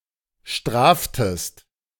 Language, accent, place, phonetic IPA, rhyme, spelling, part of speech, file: German, Germany, Berlin, [ˈʃtʁaːftəst], -aːftəst, straftest, verb, De-straftest.ogg
- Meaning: inflection of strafen: 1. second-person singular preterite 2. second-person singular subjunctive II